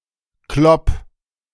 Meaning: 1. singular imperative of kloppen 2. first-person singular present of kloppen
- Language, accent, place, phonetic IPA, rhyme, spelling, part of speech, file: German, Germany, Berlin, [klɔp], -ɔp, klopp, verb, De-klopp.ogg